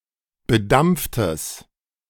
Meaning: strong/mixed nominative/accusative neuter singular of bedampft
- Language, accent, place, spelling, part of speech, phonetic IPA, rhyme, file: German, Germany, Berlin, bedampftes, adjective, [bəˈdamp͡ftəs], -amp͡ftəs, De-bedampftes.ogg